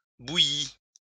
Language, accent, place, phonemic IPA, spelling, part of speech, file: French, France, Lyon, /bu.ji/, bouillît, verb, LL-Q150 (fra)-bouillît.wav
- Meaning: third-person singular imperfect subjunctive of bouillir